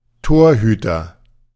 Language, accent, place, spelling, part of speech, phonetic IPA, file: German, Germany, Berlin, Torhüter, noun, [ˈtoːɐ̯ˌhyːtɐ], De-Torhüter.ogg
- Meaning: goalkeeper